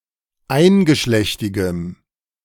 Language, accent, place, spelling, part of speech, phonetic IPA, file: German, Germany, Berlin, eingeschlechtigem, adjective, [ˈaɪ̯nɡəˌʃlɛçtɪɡəm], De-eingeschlechtigem.ogg
- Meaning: strong dative masculine/neuter singular of eingeschlechtig